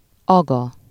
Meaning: agha
- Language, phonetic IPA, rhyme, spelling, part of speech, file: Hungarian, [ˈɒɡɒ], -ɡɒ, aga, noun, Hu-aga.ogg